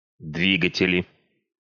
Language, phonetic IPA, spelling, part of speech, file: Russian, [ˈdvʲiɡətʲɪlʲɪ], двигатели, noun, Ru-двигатели.ogg
- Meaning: nominative/accusative plural of дви́гатель (dvígatelʹ)